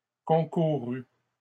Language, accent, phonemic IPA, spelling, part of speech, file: French, Canada, /kɔ̃.ku.ʁy/, concourut, verb, LL-Q150 (fra)-concourut.wav
- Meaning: third-person singular past historic of concourir